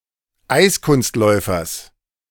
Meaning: genitive singular of Eiskunstläufer
- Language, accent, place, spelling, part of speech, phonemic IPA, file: German, Germany, Berlin, Eiskunstläufers, noun, /ˈʔai̯sˌkʊnstlɔɪ̯fɐs/, De-Eiskunstläufers.ogg